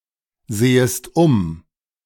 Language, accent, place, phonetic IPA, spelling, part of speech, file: German, Germany, Berlin, [ˌzeːəst ˈʊm], sehest um, verb, De-sehest um.ogg
- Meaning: second-person singular subjunctive I of umsehen